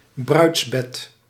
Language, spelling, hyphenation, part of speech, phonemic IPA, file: Dutch, bruidsbed, bruids‧bed, noun, /ˈbrœy̯ts.bɛt/, Nl-bruidsbed.ogg
- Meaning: marriage bed, nuptial bed